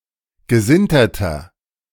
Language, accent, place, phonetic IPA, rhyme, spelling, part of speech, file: German, Germany, Berlin, [ɡəˈzɪntɐtɐ], -ɪntɐtɐ, gesinterter, adjective, De-gesinterter.ogg
- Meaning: inflection of gesintert: 1. strong/mixed nominative masculine singular 2. strong genitive/dative feminine singular 3. strong genitive plural